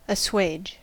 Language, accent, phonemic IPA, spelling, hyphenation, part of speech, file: English, US, /əˈswɑʒ/, assuage, as‧suage, verb, En-us-assuage.ogg
- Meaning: 1. To lessen the intensity of, to mitigate or relieve (hunger, emotion, pain, etc.) 2. To pacify or soothe (someone)